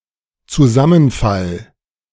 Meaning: 1. collapse 2. merger
- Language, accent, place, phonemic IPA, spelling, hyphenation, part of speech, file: German, Germany, Berlin, /t͡suˈzamənˌfal/, Zusammenfall, Zu‧sam‧men‧fall, noun, De-Zusammenfall.ogg